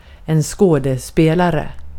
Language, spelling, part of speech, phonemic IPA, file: Swedish, skådespelare, noun, /²skoːdɛspeːlarɛ/, Sv-skådespelare.ogg
- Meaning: an actor (person who performs in a theatrical play or film)